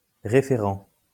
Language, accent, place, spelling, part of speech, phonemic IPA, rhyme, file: French, France, Lyon, référent, noun, /ʁe.fe.ʁɑ̃/, -ɑ̃, LL-Q150 (fra)-référent.wav
- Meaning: 1. referrer 2. referent